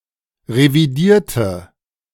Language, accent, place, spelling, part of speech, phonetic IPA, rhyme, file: German, Germany, Berlin, revidierte, adjective / verb, [ʁeviˈdiːɐ̯tə], -iːɐ̯tə, De-revidierte.ogg
- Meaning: inflection of revidieren: 1. first/third-person singular preterite 2. first/third-person singular subjunctive II